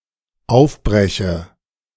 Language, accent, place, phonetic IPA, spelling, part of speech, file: German, Germany, Berlin, [ˈaʊ̯fˌbʁɛçə], aufbreche, verb, De-aufbreche.ogg
- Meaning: inflection of aufbrechen: 1. first-person singular dependent present 2. first/third-person singular dependent subjunctive I